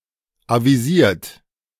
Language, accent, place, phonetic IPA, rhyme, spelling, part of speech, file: German, Germany, Berlin, [ˌaviˈziːɐ̯t], -iːɐ̯t, avisiert, verb, De-avisiert.ogg
- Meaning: 1. past participle of avisieren 2. inflection of avisieren: third-person singular present 3. inflection of avisieren: second-person plural present 4. inflection of avisieren: plural imperative